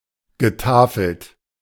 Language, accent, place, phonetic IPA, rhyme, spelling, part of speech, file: German, Germany, Berlin, [ɡəˈtaːfl̩t], -aːfl̩t, getafelt, verb, De-getafelt.ogg
- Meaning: past participle of tafeln